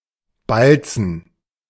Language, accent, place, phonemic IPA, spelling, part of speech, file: German, Germany, Berlin, /ˈbalt͡sn̩/, balzen, verb, De-balzen.ogg
- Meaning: to perform a courtship display